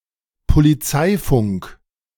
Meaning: police radio
- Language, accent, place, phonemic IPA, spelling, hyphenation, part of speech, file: German, Germany, Berlin, /poliˈt͡saɪ̯fʊŋk/, Polizeifunk, Po‧li‧zei‧funk, noun, De-Polizeifunk.ogg